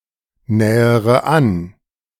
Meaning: inflection of annähern: 1. first-person singular present 2. first/third-person singular subjunctive I 3. singular imperative
- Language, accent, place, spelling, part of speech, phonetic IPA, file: German, Germany, Berlin, nähere an, verb, [ˌnɛːəʁə ˈan], De-nähere an.ogg